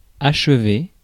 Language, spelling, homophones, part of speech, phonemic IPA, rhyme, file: French, achever, achevai / achevé / achevée / achevées / achevés / achevez, verb, /aʃ.ve/, -e, Fr-achever.ogg
- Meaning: 1. to finish, to complete 2. to finish off (someone who is already incapacitated) 3. to finish